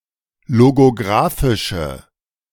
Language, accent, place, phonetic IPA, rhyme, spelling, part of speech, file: German, Germany, Berlin, [loɡoˈɡʁaːfɪʃə], -aːfɪʃə, logographische, adjective, De-logographische.ogg
- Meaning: inflection of logographisch: 1. strong/mixed nominative/accusative feminine singular 2. strong nominative/accusative plural 3. weak nominative all-gender singular